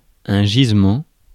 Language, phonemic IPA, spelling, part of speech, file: French, /ʒiz.mɑ̃/, gisement, noun, Fr-gisement.ogg
- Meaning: deposit (of oil, minerals); bed (of coal, ore etc.)